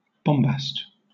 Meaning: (noun) 1. Cotton, or cotton wool 2. Cotton, or any soft, fibrous material, used as stuffing for garments; stuffing, padding
- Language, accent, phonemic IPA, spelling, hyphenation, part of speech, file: English, Southern England, /ˈbɒmbæst/, bombast, bom‧bast, noun / verb / adjective, LL-Q1860 (eng)-bombast.wav